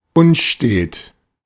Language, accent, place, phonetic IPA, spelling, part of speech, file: German, Germany, Berlin, [ˈʊnˌʃteːt], unstet, adjective, De-unstet.ogg
- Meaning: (adjective) 1. erratic 2. unsteady; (adverb) erratically